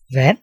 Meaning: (noun) 1. water 2. sea 3. soft drink; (verb) imperative of vande
- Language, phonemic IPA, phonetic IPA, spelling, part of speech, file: Danish, /ˈvanˀ/, [ˈʋænˀ], vand, noun / verb, Da-vand.ogg